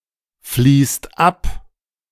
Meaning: inflection of abfließen: 1. second/third-person singular present 2. second-person plural present 3. plural imperative
- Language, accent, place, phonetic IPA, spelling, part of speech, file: German, Germany, Berlin, [ˌfliːst ˈap], fließt ab, verb, De-fließt ab.ogg